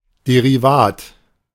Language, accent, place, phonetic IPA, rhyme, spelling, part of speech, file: German, Germany, Berlin, [ˌdeʁiˈvaːt], -aːt, Derivat, noun, De-Derivat.ogg
- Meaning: 1. derivative (financial instrument whose value depends on the valuation of an underlying instrument) 2. derivative